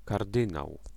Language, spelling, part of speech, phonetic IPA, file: Polish, kardynał, noun, [karˈdɨ̃naw], Pl-kardynał.ogg